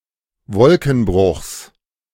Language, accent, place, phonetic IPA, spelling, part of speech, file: German, Germany, Berlin, [ˈvɔlkn̩ˌbʁʊxs], Wolkenbruchs, noun, De-Wolkenbruchs.ogg
- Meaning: genitive singular of Wolkenbruch